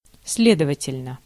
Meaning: 1. consequently; therefore 2. so
- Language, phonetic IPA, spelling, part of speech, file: Russian, [ˈs⁽ʲ⁾lʲedəvətʲɪlʲnə], следовательно, adverb, Ru-следовательно.ogg